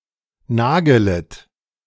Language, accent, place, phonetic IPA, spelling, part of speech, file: German, Germany, Berlin, [ˈnaːɡl̩ˌfaɪ̯lən], Nagelfeilen, noun, De-Nagelfeilen.ogg
- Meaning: plural of Nagelfeile